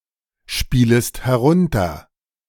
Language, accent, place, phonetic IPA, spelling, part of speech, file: German, Germany, Berlin, [ˌʃpiːləst hɛˈʁʊntɐ], spielest herunter, verb, De-spielest herunter.ogg
- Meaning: second-person singular subjunctive I of herunterspielen